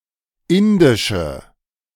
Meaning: inflection of indisch: 1. strong/mixed nominative/accusative feminine singular 2. strong nominative/accusative plural 3. weak nominative all-gender singular 4. weak accusative feminine/neuter singular
- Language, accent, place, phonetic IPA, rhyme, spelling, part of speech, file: German, Germany, Berlin, [ˈɪndɪʃə], -ɪndɪʃə, indische, adjective, De-indische.ogg